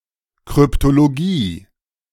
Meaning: cryptology
- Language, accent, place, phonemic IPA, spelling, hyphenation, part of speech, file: German, Germany, Berlin, /kʁʏptoloˈɡiː/, Kryptologie, Kryp‧to‧lo‧gie, noun, De-Kryptologie.ogg